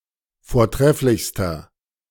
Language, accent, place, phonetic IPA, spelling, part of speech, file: German, Germany, Berlin, [foːɐ̯ˈtʁɛflɪçstɐ], vortrefflichster, adjective, De-vortrefflichster.ogg
- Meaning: inflection of vortrefflich: 1. strong/mixed nominative masculine singular superlative degree 2. strong genitive/dative feminine singular superlative degree 3. strong genitive plural superlative degree